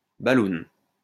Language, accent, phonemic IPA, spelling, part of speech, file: French, France, /ba.lun/, balloune, noun, LL-Q150 (fra)-balloune.wav
- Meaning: 1. inflatable balloon 2. bubble 3. alcohol breath test